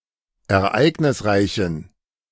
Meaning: inflection of ereignisreich: 1. strong genitive masculine/neuter singular 2. weak/mixed genitive/dative all-gender singular 3. strong/weak/mixed accusative masculine singular 4. strong dative plural
- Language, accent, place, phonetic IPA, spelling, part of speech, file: German, Germany, Berlin, [ɛɐ̯ˈʔaɪ̯ɡnɪsˌʁaɪ̯çn̩], ereignisreichen, adjective, De-ereignisreichen.ogg